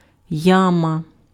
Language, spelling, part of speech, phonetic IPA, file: Ukrainian, яма, noun, [ˈjamɐ], Uk-яма.ogg
- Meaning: pit, hole (in the ground)